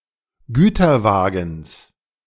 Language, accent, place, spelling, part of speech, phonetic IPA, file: German, Germany, Berlin, Güterwagens, noun, [ˈɡyːtɐˌvaːɡn̩s], De-Güterwagens.ogg
- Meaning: genitive singular of Güterwagen